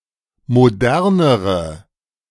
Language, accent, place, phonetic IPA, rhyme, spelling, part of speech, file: German, Germany, Berlin, [moˈdɛʁnəʁə], -ɛʁnəʁə, modernere, adjective, De-modernere.ogg
- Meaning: inflection of modern: 1. strong/mixed nominative/accusative feminine singular comparative degree 2. strong nominative/accusative plural comparative degree